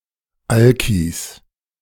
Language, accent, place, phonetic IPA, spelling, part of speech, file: German, Germany, Berlin, [ˈalkis], Alkis, noun, De-Alkis.ogg
- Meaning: 1. genitive singular of Alki 2. plural of Alki